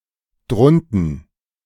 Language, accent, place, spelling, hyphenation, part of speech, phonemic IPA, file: German, Germany, Berlin, drunten, drun‧ten, adverb, /dʁʊntn̩/, De-drunten.ogg
- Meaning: down there